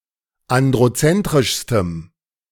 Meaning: strong dative masculine/neuter singular superlative degree of androzentrisch
- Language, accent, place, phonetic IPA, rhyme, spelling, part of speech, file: German, Germany, Berlin, [ˌandʁoˈt͡sɛntʁɪʃstəm], -ɛntʁɪʃstəm, androzentrischstem, adjective, De-androzentrischstem.ogg